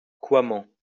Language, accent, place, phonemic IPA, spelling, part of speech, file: French, France, Lyon, /kwa.mɑ̃/, coiment, adverb, LL-Q150 (fra)-coiment.wav
- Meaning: silently, speechlessly